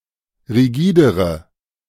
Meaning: inflection of rigide: 1. strong/mixed nominative/accusative feminine singular comparative degree 2. strong nominative/accusative plural comparative degree
- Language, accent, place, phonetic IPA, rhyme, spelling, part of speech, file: German, Germany, Berlin, [ʁiˈɡiːdəʁə], -iːdəʁə, rigidere, adjective, De-rigidere.ogg